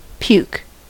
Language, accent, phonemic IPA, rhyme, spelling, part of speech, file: English, US, /pjuːk/, -uːk, puke, noun / verb, En-us-puke.ogg
- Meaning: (noun) 1. vomit 2. A drug that induces vomiting 3. A worthless, despicable person 4. A person from Missouri; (verb) To vomit; to throw up; to eject from the stomach